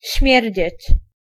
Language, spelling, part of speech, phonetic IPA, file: Polish, śmierdzieć, verb, [ˈɕmʲjɛrʲd͡ʑɛ̇t͡ɕ], Pl-śmierdzieć.ogg